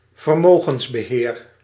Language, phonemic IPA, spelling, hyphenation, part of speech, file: Dutch, /vərˈmoː.ɣəns.bəˌɦeːr/, vermogensbeheer, ver‧mo‧gens‧be‧heer, noun, Nl-vermogensbeheer.ogg
- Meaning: asset management